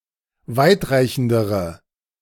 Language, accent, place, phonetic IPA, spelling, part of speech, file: German, Germany, Berlin, [ˈvaɪ̯tˌʁaɪ̯çn̩dəʁə], weitreichendere, adjective, De-weitreichendere.ogg
- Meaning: inflection of weitreichend: 1. strong/mixed nominative/accusative feminine singular comparative degree 2. strong nominative/accusative plural comparative degree